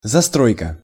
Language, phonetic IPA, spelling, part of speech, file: Russian, [zɐˈstrojkə], застройка, noun, Ru-застройка.ogg
- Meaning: building up, housing, site development (construction)